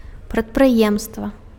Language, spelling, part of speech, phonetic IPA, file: Belarusian, прадпрыемства, noun, [pratprɨˈjemstva], Be-прадпрыемства.ogg
- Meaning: enterprise, undertaking